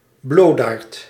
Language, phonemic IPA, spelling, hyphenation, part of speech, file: Dutch, /ˈbloːt.aːrt/, bloodaard, blood‧aard, noun, Nl-bloodaard.ogg
- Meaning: 1. coward 2. timid person